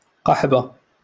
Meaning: whore, harlot (a prostitute or any woman suspect of promiscuity or indecent behaviour)
- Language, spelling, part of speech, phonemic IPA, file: Moroccan Arabic, قحبة, noun, /qaħ.ba/, LL-Q56426 (ary)-قحبة.wav